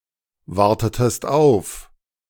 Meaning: inflection of aufwarten: 1. second-person singular preterite 2. second-person singular subjunctive II
- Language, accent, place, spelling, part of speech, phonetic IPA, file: German, Germany, Berlin, wartetest auf, verb, [ˌvaʁtətəst ˈaʊ̯f], De-wartetest auf.ogg